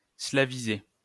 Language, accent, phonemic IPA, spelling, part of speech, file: French, France, /sla.vi.ze/, slaviser, verb, LL-Q150 (fra)-slaviser.wav
- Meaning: to make Slavic or more Slavic